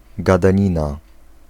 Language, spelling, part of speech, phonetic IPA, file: Polish, gadanina, noun, [ˌɡadãˈɲĩna], Pl-gadanina.ogg